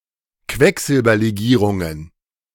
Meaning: plural of Quecksilberlegierung
- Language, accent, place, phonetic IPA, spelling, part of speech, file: German, Germany, Berlin, [ˈkvɛkzɪlbɐleˌɡiːʁʊŋən], Quecksilberlegierungen, noun, De-Quecksilberlegierungen.ogg